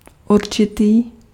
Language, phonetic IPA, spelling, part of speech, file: Czech, [ˈurt͡ʃɪtiː], určitý, adjective, Cs-určitý.ogg
- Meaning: 1. certain (having been determined but unspecified) 2. definite (having distinct limits)